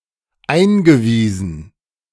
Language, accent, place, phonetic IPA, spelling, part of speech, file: German, Germany, Berlin, [ˈaɪ̯nɡəˌviːzn̩], eingewiesen, verb, De-eingewiesen.ogg
- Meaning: past participle of einweisen